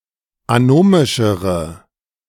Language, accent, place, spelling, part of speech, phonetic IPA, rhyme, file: German, Germany, Berlin, anomischere, adjective, [aˈnoːmɪʃəʁə], -oːmɪʃəʁə, De-anomischere.ogg
- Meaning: inflection of anomisch: 1. strong/mixed nominative/accusative feminine singular comparative degree 2. strong nominative/accusative plural comparative degree